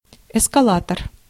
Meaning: escalator (mechanical device)
- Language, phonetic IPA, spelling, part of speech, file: Russian, [ɪskɐˈɫatər], эскалатор, noun, Ru-эскалатор.ogg